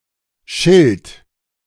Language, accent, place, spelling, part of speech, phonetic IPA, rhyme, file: German, Germany, Berlin, schilt, verb, [ʃɪlt], -ɪlt, De-schilt.ogg
- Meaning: inflection of schelten: 1. third-person singular present 2. singular imperative